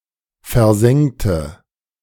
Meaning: inflection of versengen: 1. first/third-person singular preterite 2. first/third-person singular subjunctive II
- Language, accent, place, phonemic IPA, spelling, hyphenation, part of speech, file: German, Germany, Berlin, /fɛɐ̯ˈzɛŋtə/, versengte, ver‧seng‧te, verb, De-versengte.ogg